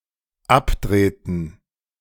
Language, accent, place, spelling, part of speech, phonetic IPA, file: German, Germany, Berlin, abdrehten, verb, [ˈapˌdʁeːtn̩], De-abdrehten.ogg
- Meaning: inflection of abdrehen: 1. first/third-person plural dependent preterite 2. first/third-person plural dependent subjunctive II